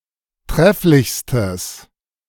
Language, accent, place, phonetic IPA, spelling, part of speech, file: German, Germany, Berlin, [ˈtʁɛflɪçstəs], trefflichstes, adjective, De-trefflichstes.ogg
- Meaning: strong/mixed nominative/accusative neuter singular superlative degree of trefflich